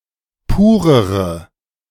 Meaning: inflection of pur: 1. strong/mixed nominative/accusative feminine singular comparative degree 2. strong nominative/accusative plural comparative degree
- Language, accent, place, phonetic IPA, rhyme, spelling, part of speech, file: German, Germany, Berlin, [ˈpuːʁəʁə], -uːʁəʁə, purere, adjective, De-purere.ogg